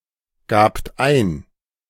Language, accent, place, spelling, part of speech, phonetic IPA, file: German, Germany, Berlin, gabt ein, verb, [ˌɡaːpt ˈaɪ̯n], De-gabt ein.ogg
- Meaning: second-person plural preterite of eingeben